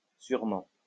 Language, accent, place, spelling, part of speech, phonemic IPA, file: French, France, Lyon, surement, adverb, /syʁ.mɑ̃/, LL-Q150 (fra)-surement.wav
- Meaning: post-1990 spelling of sûrement